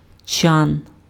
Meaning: tub, tank, vat
- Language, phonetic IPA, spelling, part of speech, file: Ukrainian, [t͡ʃan], чан, noun, Uk-чан.ogg